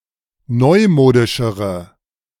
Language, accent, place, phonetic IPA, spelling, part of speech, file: German, Germany, Berlin, [ˈnɔɪ̯ˌmoːdɪʃəʁə], neumodischere, adjective, De-neumodischere.ogg
- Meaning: inflection of neumodisch: 1. strong/mixed nominative/accusative feminine singular comparative degree 2. strong nominative/accusative plural comparative degree